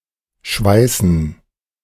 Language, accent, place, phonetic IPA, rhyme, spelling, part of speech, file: German, Germany, Berlin, [ˈʃvaɪ̯sn̩], -aɪ̯sn̩, schweißen, verb, De-schweißen.ogg
- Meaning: 1. to weld 2. to sweat 3. to bleed